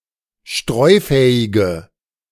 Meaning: inflection of streufähig: 1. strong/mixed nominative/accusative feminine singular 2. strong nominative/accusative plural 3. weak nominative all-gender singular
- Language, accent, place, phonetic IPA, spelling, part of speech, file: German, Germany, Berlin, [ˈʃtʁɔɪ̯ˌfɛːɪɡə], streufähige, adjective, De-streufähige.ogg